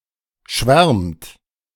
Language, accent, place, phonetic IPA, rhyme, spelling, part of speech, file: German, Germany, Berlin, [ʃvɛʁmt], -ɛʁmt, schwärmt, verb, De-schwärmt.ogg
- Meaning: inflection of schwärmen: 1. third-person singular present 2. second-person plural present 3. plural imperative